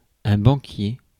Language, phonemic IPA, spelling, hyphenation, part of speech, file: French, /bɑ̃.kje/, banquier, ban‧quier, noun, Fr-banquier.ogg
- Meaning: banker